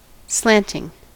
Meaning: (adjective) Out of the perpendicular, not perpendicular; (verb) present participle and gerund of slant; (noun) The state or quality of being slanted
- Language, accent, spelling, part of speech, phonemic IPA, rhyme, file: English, US, slanting, adjective / verb / noun, /ˈslæntɪŋ/, -æntɪŋ, En-us-slanting.ogg